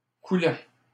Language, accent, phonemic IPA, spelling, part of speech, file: French, Canada, /ku.lɑ̃/, coulant, adjective / noun / verb, LL-Q150 (fra)-coulant.wav
- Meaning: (adjective) 1. flowing 2. fluid; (noun) 1. loop 2. napkin ring; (verb) present participle of couler